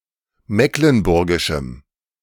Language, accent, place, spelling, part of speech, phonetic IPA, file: German, Germany, Berlin, mecklenburgischem, adjective, [ˈmeːklənˌbʊʁɡɪʃm̩], De-mecklenburgischem.ogg
- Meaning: strong dative masculine/neuter singular of mecklenburgisch